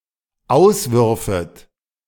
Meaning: second-person plural dependent subjunctive II of auswerfen
- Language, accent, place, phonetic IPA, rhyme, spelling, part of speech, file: German, Germany, Berlin, [ˈaʊ̯sˌvʏʁfət], -aʊ̯svʏʁfət, auswürfet, verb, De-auswürfet.ogg